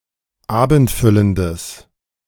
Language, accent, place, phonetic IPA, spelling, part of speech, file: German, Germany, Berlin, [ˈaːbn̩tˌfʏləndəs], abendfüllendes, adjective, De-abendfüllendes.ogg
- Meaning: strong/mixed nominative/accusative neuter singular of abendfüllend